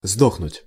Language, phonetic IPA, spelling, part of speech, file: Russian, [ˈzdoxnʊtʲ], сдохнуть, verb, Ru-сдохнуть.ogg
- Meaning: 1. to die (of livestock, cattle; battery) 2. to croak (to die)